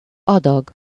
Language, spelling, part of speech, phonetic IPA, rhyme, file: Hungarian, adag, noun, [ˈɒdɒɡ], -ɒɡ, Hu-adag.ogg
- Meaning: 1. portion, serving, helping (allocated amount) 2. dose (a measured portion of medicine taken at any one time)